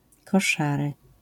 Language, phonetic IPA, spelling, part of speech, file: Polish, [kɔˈʃarɨ], koszary, noun, LL-Q809 (pol)-koszary.wav